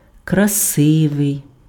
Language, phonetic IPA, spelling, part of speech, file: Ukrainian, [krɐˈsɪʋei̯], красивий, adjective, Uk-красивий.ogg
- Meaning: beautiful, handsome